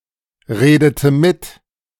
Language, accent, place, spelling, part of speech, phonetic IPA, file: German, Germany, Berlin, redete mit, verb, [ˌʁeːdətə ˈmɪt], De-redete mit.ogg
- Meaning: inflection of mitreden: 1. first/third-person singular preterite 2. first/third-person singular subjunctive II